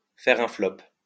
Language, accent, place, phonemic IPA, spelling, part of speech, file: French, France, Lyon, /fɛʁ œ̃ flɔp/, faire un flop, verb, LL-Q150 (fra)-faire un flop.wav
- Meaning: to flop, to bomb, to tank